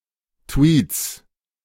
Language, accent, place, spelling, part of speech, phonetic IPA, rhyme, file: German, Germany, Berlin, Tweets, noun, [tviːt͡s], -iːt͡s, De-Tweets.ogg
- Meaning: 1. genitive singular of Tweet 2. plural of Tweet